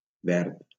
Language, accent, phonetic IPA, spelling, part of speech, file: Catalan, Valencia, [ˈvɛɾt], verd, adjective / noun, LL-Q7026 (cat)-verd.wav
- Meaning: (adjective) green